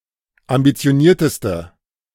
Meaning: inflection of ambitioniert: 1. strong/mixed nominative/accusative feminine singular superlative degree 2. strong nominative/accusative plural superlative degree
- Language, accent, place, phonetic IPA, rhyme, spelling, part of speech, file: German, Germany, Berlin, [ambit͡si̯oˈniːɐ̯təstə], -iːɐ̯təstə, ambitionierteste, adjective, De-ambitionierteste.ogg